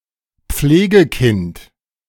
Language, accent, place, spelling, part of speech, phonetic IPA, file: German, Germany, Berlin, Pflegekind, noun, [ˈp͡fleːɡəˌkɪnt], De-Pflegekind.ogg
- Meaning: foster child